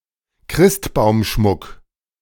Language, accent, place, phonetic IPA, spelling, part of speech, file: German, Germany, Berlin, [ˈkʁɪstbaʊ̯mˌʃmʊk], Christbaumschmuck, noun, De-Christbaumschmuck.ogg
- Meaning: Christmas tree decoration / ornament